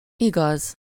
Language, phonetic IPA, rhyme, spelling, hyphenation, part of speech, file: Hungarian, [ˈiɡɒz], -ɒz, igaz, igaz, adjective / noun, Hu-igaz.ogg
- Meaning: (adjective) 1. true 2. righteous, truthful, honest; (noun) 1. truth 2. justice, rightful claim 3. righteous person